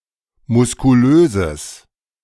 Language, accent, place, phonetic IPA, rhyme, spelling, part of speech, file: German, Germany, Berlin, [mʊskuˈløːzəs], -øːzəs, muskulöses, adjective, De-muskulöses.ogg
- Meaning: strong/mixed nominative/accusative neuter singular of muskulös